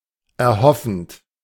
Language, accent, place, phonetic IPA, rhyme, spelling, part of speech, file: German, Germany, Berlin, [ɛɐ̯ˈhɔfn̩t], -ɔfn̩t, erhoffend, verb, De-erhoffend.ogg
- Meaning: present participle of erhoffen